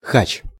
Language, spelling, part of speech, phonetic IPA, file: Russian, хач, noun, [xat͡ɕ], Ru-хач.ogg
- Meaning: 1. Armenian person 2. commonly of any person native to the Caucasus region (Armenian, Georgian, Azerbaijani, Chechen, etc.)